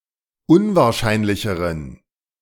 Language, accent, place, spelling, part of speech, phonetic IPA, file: German, Germany, Berlin, unwahrscheinlicheren, adjective, [ˈʊnvaːɐ̯ˌʃaɪ̯nlɪçəʁən], De-unwahrscheinlicheren.ogg
- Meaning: inflection of unwahrscheinlich: 1. strong genitive masculine/neuter singular comparative degree 2. weak/mixed genitive/dative all-gender singular comparative degree